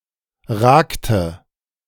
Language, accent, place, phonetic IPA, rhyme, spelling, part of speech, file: German, Germany, Berlin, [ˈʁaːktə], -aːktə, ragte, verb, De-ragte.ogg
- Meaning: inflection of ragen: 1. first/third-person singular preterite 2. first/third-person singular subjunctive II